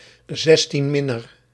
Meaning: someone below the age of 16; i.e. a legal minor
- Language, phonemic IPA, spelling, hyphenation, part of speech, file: Dutch, /ˌzɛs.tinˈmɪ.nər/, 16-minner, 16-min‧ner, noun, Nl-16-minner.ogg